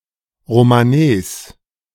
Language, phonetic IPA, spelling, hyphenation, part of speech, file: German, [ʁomanˈɛs], Romanes, Ro‧ma‧nes, noun, De-Romanes.ogg
- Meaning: Romani, the language of the Gypsies